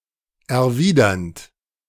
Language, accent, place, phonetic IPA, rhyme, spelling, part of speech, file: German, Germany, Berlin, [ɛɐ̯ˈviːdɐnt], -iːdɐnt, erwidernd, verb, De-erwidernd.ogg
- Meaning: present participle of erwidern